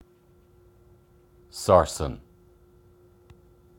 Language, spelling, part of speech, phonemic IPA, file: English, sarsen, noun, /ˈsɑː(ɹ)sən/, En-ie-sarsen.wav
- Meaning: Any of various blocks of sandstone found in various locations in southern England